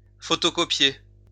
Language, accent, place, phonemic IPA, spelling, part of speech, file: French, France, Lyon, /fɔ.to.kɔ.pje/, photocopier, verb, LL-Q150 (fra)-photocopier.wav
- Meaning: to photocopy